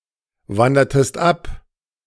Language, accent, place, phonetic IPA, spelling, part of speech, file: German, Germany, Berlin, [ˌvandɐtəst ˈap], wandertest ab, verb, De-wandertest ab.ogg
- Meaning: inflection of abwandern: 1. second-person singular preterite 2. second-person singular subjunctive II